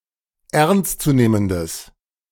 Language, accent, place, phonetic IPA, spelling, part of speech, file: German, Germany, Berlin, [ˈɛʁnstt͡suˌneːməndəs], ernstzunehmendes, adjective, De-ernstzunehmendes.ogg
- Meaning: strong/mixed nominative/accusative neuter singular of ernstzunehmend